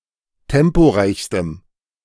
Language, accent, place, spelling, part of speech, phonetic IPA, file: German, Germany, Berlin, temporeichstem, adjective, [ˈtɛmpoˌʁaɪ̯çstəm], De-temporeichstem.ogg
- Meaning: strong dative masculine/neuter singular superlative degree of temporeich